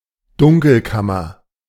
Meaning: darkroom
- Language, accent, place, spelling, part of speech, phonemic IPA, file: German, Germany, Berlin, Dunkelkammer, noun, /ˈdʊŋkl̩ˌkamɐ/, De-Dunkelkammer.ogg